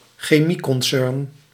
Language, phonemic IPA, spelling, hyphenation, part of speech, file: Dutch, /xeː.mi.kɔnˌsʏrn/, chemieconcern, che‧mie‧con‧cern, noun, Nl-chemieconcern.ogg
- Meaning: chemical company, chemical concern